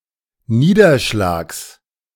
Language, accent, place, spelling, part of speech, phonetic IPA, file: German, Germany, Berlin, Niederschlags, noun, [ˈniːdɐˌʃlaːks], De-Niederschlags.ogg
- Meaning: genitive singular of Niederschlag